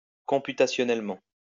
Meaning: computationally
- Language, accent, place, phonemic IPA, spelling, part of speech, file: French, France, Lyon, /kɔ̃.py.ta.sjɔ.nɛl.mɑ̃/, computationnellement, adverb, LL-Q150 (fra)-computationnellement.wav